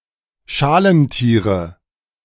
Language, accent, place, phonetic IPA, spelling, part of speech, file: German, Germany, Berlin, [ˈʃaːlənˌtiːʁə], Schalentiere, noun, De-Schalentiere.ogg
- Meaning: nominative/accusative/genitive plural of Schalentier